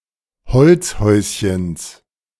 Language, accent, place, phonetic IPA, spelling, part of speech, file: German, Germany, Berlin, [ˈhɔlt͡sˌhɔɪ̯sçəns], Holzhäuschens, noun, De-Holzhäuschens.ogg
- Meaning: genitive of Holzhäuschen